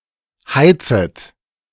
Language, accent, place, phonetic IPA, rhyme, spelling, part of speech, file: German, Germany, Berlin, [ˈhaɪ̯t͡sət], -aɪ̯t͡sət, heizet, verb, De-heizet.ogg
- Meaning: second-person plural subjunctive I of heizen